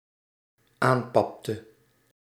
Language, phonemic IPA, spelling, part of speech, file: Dutch, /ˈampɑptə/, aanpapte, verb, Nl-aanpapte.ogg
- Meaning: inflection of aanpappen: 1. singular dependent-clause past indicative 2. singular dependent-clause past subjunctive